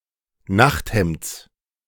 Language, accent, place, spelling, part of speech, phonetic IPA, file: German, Germany, Berlin, Nachthemds, noun, [ˈnaxtˌhɛmt͡s], De-Nachthemds.ogg
- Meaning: genitive of Nachthemd